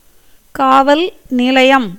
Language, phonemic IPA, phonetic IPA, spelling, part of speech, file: Tamil, /kɑːʋɐl nɪlɐɪ̯jɐm/, [käːʋɐl nɪlɐɪ̯jɐm], காவல் நிலையம், noun, Ta-காவல் நிலையம்.ogg
- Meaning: police station (a building serving as the headquarters of a branch of the police force, and sometimes as a temporary place of confinement for offenders)